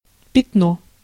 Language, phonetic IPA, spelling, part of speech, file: Russian, [pʲɪtˈno], пятно, noun, Ru-пятно.ogg
- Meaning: 1. spot, mark 2. blot, blemish, stain 3. blemish, stain (a defamatory fact)